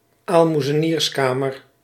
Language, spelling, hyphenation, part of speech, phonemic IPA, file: Dutch, aalmoezenierskamer, aal‧moe‧ze‧niers‧ka‧mer, noun, /aːl.mu.zəˈniːrsˌkaː.mər/, Nl-aalmoezenierskamer.ogg
- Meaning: eleemosynary institution